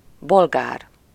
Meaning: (adjective) Bulgarian (of or relating to Bulgaria, its people, or its language); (noun) 1. Bulgarian (person) 2. Bulgarian (language)
- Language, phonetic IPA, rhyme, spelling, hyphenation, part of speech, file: Hungarian, [ˈbolɡaːr], -aːr, bolgár, bol‧gár, adjective / noun, Hu-bolgár.ogg